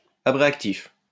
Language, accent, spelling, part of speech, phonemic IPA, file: French, France, abréactif, adjective, /a.bʁe.ak.tif/, LL-Q150 (fra)-abréactif.wav
- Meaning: Having to do with abreaction; abreactive